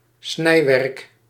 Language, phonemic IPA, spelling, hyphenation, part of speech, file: Dutch, /ˈsnɛi̯.ʋɛrk/, snijwerk, snij‧werk, noun, Nl-snijwerk.ogg
- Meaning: 1. a carved object 2. work that involves cutting or carving